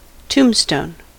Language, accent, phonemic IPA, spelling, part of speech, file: English, US, /ˈtuːmstoʊn/, tombstone, noun / verb, En-us-tombstone.ogg
- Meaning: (noun) 1. A grave marker, a stone slab or similar object marking a person's grave 2. The symbol "∎" marking the end of a proof